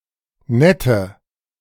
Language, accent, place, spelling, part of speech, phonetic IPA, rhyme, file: German, Germany, Berlin, nette, adjective, [ˈnɛtə], -ɛtə, De-nette.ogg
- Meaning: inflection of nett: 1. strong/mixed nominative/accusative feminine singular 2. strong nominative/accusative plural 3. weak nominative all-gender singular 4. weak accusative feminine/neuter singular